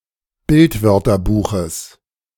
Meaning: genitive singular of Bildwörterbuch
- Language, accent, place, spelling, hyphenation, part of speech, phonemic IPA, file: German, Germany, Berlin, Bildwörterbuches, Bild‧wör‧ter‧bu‧ches, noun, /ˈbɪltˌvœʁtɐbuːxəs/, De-Bildwörterbuches.ogg